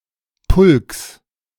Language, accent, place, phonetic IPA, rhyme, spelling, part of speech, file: German, Germany, Berlin, [pʊlks], -ʊlks, Pulks, noun, De-Pulks.ogg
- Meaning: genitive of Pulk